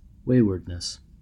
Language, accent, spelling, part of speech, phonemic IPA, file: English, US, waywardness, noun, /ˈweɪ.wə(ɹ)d.nəs/, En-us-waywardness.ogg
- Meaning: The state or quality of being wayward